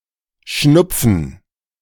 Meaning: 1. nasal congestion 2. cold (illness)
- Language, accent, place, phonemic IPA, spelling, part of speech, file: German, Germany, Berlin, /ˈʃnʊpfən/, Schnupfen, noun, De-Schnupfen.ogg